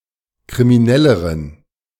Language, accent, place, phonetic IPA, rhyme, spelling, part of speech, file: German, Germany, Berlin, [kʁimiˈnɛləʁən], -ɛləʁən, kriminelleren, adjective, De-kriminelleren.ogg
- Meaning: inflection of kriminell: 1. strong genitive masculine/neuter singular comparative degree 2. weak/mixed genitive/dative all-gender singular comparative degree